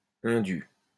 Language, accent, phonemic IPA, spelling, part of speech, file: French, France, /ɛ̃.dy/, indu, adjective, LL-Q150 (fra)-indu.wav
- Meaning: unjustified, unwarranted, undue